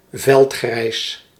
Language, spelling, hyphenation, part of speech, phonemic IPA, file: Dutch, veldgrijs, veld‧grijs, adjective, /vɛltˈxrɛi̯s/, Nl-veldgrijs.ogg
- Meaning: field-grey (greenish grey colour, esp. as military camouflage)